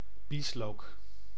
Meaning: chive (Allium schoenoprasum)
- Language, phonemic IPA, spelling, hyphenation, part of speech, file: Dutch, /ˈbis.loːk/, bieslook, bies‧look, noun, Nl-bieslook.ogg